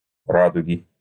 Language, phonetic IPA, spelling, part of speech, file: Russian, [ˈradʊɡʲɪ], радуги, noun, Ru-радуги.ogg
- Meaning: inflection of ра́дуга (ráduga): 1. genitive singular 2. nominative/accusative plural